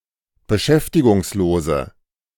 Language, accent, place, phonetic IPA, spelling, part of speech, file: German, Germany, Berlin, [bəˈʃɛftɪɡʊŋsˌloːzə], beschäftigungslose, adjective, De-beschäftigungslose.ogg
- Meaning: inflection of beschäftigungslos: 1. strong/mixed nominative/accusative feminine singular 2. strong nominative/accusative plural 3. weak nominative all-gender singular